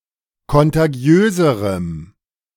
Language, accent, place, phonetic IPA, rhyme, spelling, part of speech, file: German, Germany, Berlin, [kɔntaˈɡi̯øːzəʁəm], -øːzəʁəm, kontagiöserem, adjective, De-kontagiöserem.ogg
- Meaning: strong dative masculine/neuter singular comparative degree of kontagiös